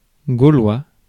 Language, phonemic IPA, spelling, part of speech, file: French, /ɡo.lwa/, gaulois, adjective / noun, Fr-gaulois.ogg
- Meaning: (adjective) Gaulish; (noun) Gaulish language; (adjective) bawdy